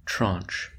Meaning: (noun) 1. One of a series of allotments (of funds for a certain purpose) 2. One set or portion of a series; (verb) To divide into parts or portions of a series (especially of allotments of funds)
- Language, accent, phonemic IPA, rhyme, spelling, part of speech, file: English, US, /tɹɔnt͡ʃ/, -ɔːntʃ, traunch, noun / verb / adjective, En-us-traunch.oga